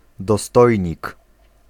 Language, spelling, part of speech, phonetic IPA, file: Polish, dostojnik, noun, [dɔˈstɔjɲik], Pl-dostojnik.ogg